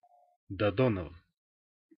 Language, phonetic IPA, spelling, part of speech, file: Russian, [dɐˈdonəvə], Додоново, proper noun, Ru-Додоново.ogg
- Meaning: Dodonovo, a village near Zheleznogorsk, Krasnoyarsk Krai